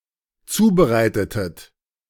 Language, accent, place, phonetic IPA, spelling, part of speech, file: German, Germany, Berlin, [ˈt͡suːbəˌʁaɪ̯tətət], zubereitetet, verb, De-zubereitetet.ogg
- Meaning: inflection of zubereiten: 1. second-person plural dependent preterite 2. second-person plural dependent subjunctive II